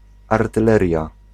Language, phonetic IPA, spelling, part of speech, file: Polish, [ˌartɨˈlɛrʲja], artyleria, noun, Pl-artyleria.ogg